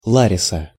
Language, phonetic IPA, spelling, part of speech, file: Russian, [ɫɐˈrʲisə], Лариса, proper noun, Ru-Ла́риса.ogg
- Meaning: a female given name, Larisa, from Ancient Greek, equivalent to English Larissa